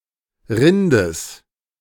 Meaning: genitive singular of Rind
- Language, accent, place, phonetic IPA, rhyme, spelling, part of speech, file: German, Germany, Berlin, [ˈʁɪndəs], -ɪndəs, Rindes, noun, De-Rindes.ogg